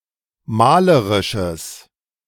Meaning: strong/mixed nominative/accusative neuter singular of malerisch
- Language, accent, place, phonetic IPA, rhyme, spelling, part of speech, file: German, Germany, Berlin, [ˈmaːləʁɪʃəs], -aːləʁɪʃəs, malerisches, adjective, De-malerisches.ogg